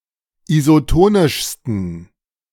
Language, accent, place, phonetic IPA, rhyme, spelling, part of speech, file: German, Germany, Berlin, [izoˈtoːnɪʃstn̩], -oːnɪʃstn̩, isotonischsten, adjective, De-isotonischsten.ogg
- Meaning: 1. superlative degree of isotonisch 2. inflection of isotonisch: strong genitive masculine/neuter singular superlative degree